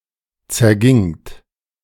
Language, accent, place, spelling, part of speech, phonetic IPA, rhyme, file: German, Germany, Berlin, zergingt, verb, [t͡sɛɐ̯ˈɡɪŋt], -ɪŋt, De-zergingt.ogg
- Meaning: second-person plural preterite of zergehen